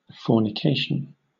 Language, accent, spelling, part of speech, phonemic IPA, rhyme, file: English, Southern England, fornication, noun, /ˌfɔɹnɪˈkeɪʃən/, -eɪʃən, LL-Q1860 (eng)-fornication.wav
- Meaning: 1. Sexual intercourse by people who are not married to each other, or which is considered illicit in another way 2. Sexual intercourse in general; sex